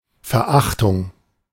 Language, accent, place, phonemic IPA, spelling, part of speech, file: German, Germany, Berlin, /fɛɐ̯ˈʔaχtʊŋ/, Verachtung, noun, De-Verachtung.ogg
- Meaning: contempt, disdain